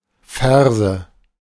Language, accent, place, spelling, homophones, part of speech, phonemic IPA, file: German, Germany, Berlin, Färse, Ferse / Verse, noun, /ˈfɛʁzə/, De-Färse.ogg
- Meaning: heifer (young cow that has not calved)